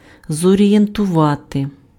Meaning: to orient, to orientate, to direct
- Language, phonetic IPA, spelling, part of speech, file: Ukrainian, [zɔrʲijentʊˈʋate], зорієнтувати, verb, Uk-зорієнтувати.ogg